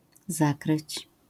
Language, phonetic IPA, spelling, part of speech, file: Polish, [ˈzakrɨt͡ɕ], zakryć, verb, LL-Q809 (pol)-zakryć.wav